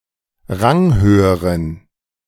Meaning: inflection of ranghoch: 1. strong genitive masculine/neuter singular comparative degree 2. weak/mixed genitive/dative all-gender singular comparative degree
- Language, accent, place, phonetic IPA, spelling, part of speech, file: German, Germany, Berlin, [ˈʁaŋˌhøːəʁən], ranghöheren, adjective, De-ranghöheren.ogg